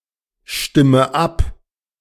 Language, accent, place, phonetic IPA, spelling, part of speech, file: German, Germany, Berlin, [ˌʃtɪmə ˈap], stimme ab, verb, De-stimme ab.ogg
- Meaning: inflection of abstimmen: 1. first-person singular present 2. first/third-person singular subjunctive I 3. singular imperative